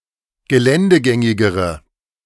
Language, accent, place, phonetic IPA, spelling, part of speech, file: German, Germany, Berlin, [ɡəˈlɛndəˌɡɛŋɪɡəʁə], geländegängigere, adjective, De-geländegängigere.ogg
- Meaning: inflection of geländegängig: 1. strong/mixed nominative/accusative feminine singular comparative degree 2. strong nominative/accusative plural comparative degree